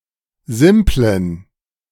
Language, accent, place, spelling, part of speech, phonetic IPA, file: German, Germany, Berlin, simplen, adjective, [ˈzɪmplən], De-simplen.ogg
- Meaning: inflection of simpel: 1. strong genitive masculine/neuter singular 2. weak/mixed genitive/dative all-gender singular 3. strong/weak/mixed accusative masculine singular 4. strong dative plural